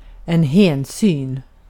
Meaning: respect, consideration
- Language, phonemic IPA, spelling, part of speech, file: Swedish, /ˈhɛːnˌsyːn/, hänsyn, noun, Sv-hänsyn.ogg